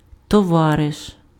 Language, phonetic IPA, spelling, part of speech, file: Ukrainian, [tɔˈʋareʃ], товариш, noun, Uk-товариш.ogg
- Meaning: comrade